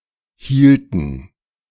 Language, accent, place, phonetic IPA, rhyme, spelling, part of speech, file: German, Germany, Berlin, [ˈhiːltn̩], -iːltn̩, hielten, verb, De-hielten.ogg
- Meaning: inflection of halten: 1. first/third-person plural preterite 2. first/third-person plural subjunctive II